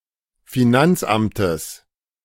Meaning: genitive singular of Finanzamt
- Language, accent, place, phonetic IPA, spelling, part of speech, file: German, Germany, Berlin, [fiˈnant͡sˌʔamtəs], Finanzamtes, noun, De-Finanzamtes.ogg